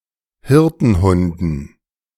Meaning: dative plural of Hirtenhund
- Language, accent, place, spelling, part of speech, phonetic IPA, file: German, Germany, Berlin, Hirtenhunden, noun, [ˈhɪʁtn̩ˌhʊndn̩], De-Hirtenhunden.ogg